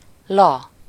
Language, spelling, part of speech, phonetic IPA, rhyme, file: Hungarian, la, interjection, [ˈlɒ], -lɒ, Hu-la.ogg
- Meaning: 1. used in dialects at the end of an exclamatory sentence as an emphasis 2. a syllable used when singing a tune without lyrics